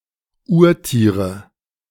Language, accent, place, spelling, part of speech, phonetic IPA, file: German, Germany, Berlin, Urtiere, noun, [ˈuːɐ̯ˌtiːʁə], De-Urtiere.ogg
- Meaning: nominative/accusative/genitive plural of Urtier